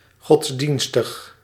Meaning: religious
- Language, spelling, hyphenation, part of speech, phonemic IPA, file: Dutch, godsdienstig, gods‧dien‧stig, adjective, /ˌɣɔtsˈdin.stəx/, Nl-godsdienstig.ogg